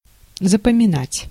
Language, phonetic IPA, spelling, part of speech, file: Russian, [zəpəmʲɪˈnatʲ], запоминать, verb, Ru-запоминать.ogg
- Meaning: 1. to remember, to keep in mind 2. to memorize